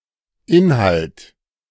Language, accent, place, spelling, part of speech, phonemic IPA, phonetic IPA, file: German, Germany, Berlin, Inhalt, noun, /ˈɪnˌhalt/, [ˈʔɪnˌhalt], De-Inhalt.ogg
- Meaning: content